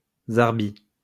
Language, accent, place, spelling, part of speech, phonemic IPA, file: French, France, Lyon, zarbi, adjective, /zaʁ.bi/, LL-Q150 (fra)-zarbi.wav
- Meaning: strange; unusual